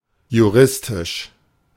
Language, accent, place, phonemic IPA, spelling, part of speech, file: German, Germany, Berlin, /juˈʁɪstɪʃ/, juristisch, adjective, De-juristisch.ogg
- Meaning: legal, juridical